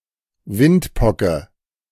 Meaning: chicken pox
- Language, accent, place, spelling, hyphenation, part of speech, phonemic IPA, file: German, Germany, Berlin, Windpocke, Wind‧po‧cke, noun, /ˈvɪntˌpɔkə/, De-Windpocke.ogg